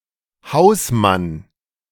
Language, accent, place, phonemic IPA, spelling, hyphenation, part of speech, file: German, Germany, Berlin, /ˈhaʊ̯sman/, Hausmann, Haus‧mann, noun, De-Hausmann.ogg
- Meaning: 1. caretaker, janitor 2. househusband, house husband